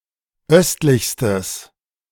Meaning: strong/mixed nominative/accusative neuter singular superlative degree of östlich
- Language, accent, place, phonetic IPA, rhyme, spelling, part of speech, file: German, Germany, Berlin, [ˈœstlɪçstəs], -œstlɪçstəs, östlichstes, adjective, De-östlichstes.ogg